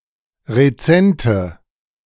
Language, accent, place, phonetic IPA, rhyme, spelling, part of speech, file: German, Germany, Berlin, [ʁeˈt͡sɛntə], -ɛntə, rezente, adjective, De-rezente.ogg
- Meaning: inflection of rezent: 1. strong/mixed nominative/accusative feminine singular 2. strong nominative/accusative plural 3. weak nominative all-gender singular 4. weak accusative feminine/neuter singular